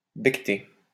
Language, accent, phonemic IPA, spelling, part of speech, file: French, France, /bɛk.te/, becter, verb, LL-Q150 (fra)-becter.wav
- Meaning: to eat